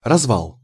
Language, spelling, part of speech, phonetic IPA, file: Russian, развал, noun, [rɐzˈvaɫ], Ru-развал.ogg
- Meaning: 1. disintegration, breakdown 2. disorganization, disorder 3. open-air bazaar 4. camber